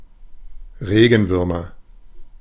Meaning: nominative/accusative/genitive plural of Regenwurm
- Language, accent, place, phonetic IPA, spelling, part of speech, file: German, Germany, Berlin, [ˈʁeːɡn̩ˌvʏʁmɐ], Regenwürmer, noun, De-Regenwürmer.ogg